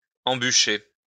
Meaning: 1. to make enter its lair 2. to ambush
- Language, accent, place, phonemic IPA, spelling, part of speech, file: French, France, Lyon, /ɑ̃.by.ʃe/, embûcher, verb, LL-Q150 (fra)-embûcher.wav